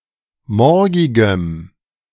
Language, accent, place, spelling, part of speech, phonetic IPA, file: German, Germany, Berlin, morgigem, adjective, [ˈmɔʁɡɪɡəm], De-morgigem.ogg
- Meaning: strong dative masculine/neuter singular of morgig